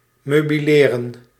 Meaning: to furnish
- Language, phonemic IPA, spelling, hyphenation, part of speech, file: Dutch, /ˌmøː.biˈleː.rə(n)/, meubileren, meu‧bi‧le‧ren, verb, Nl-meubileren.ogg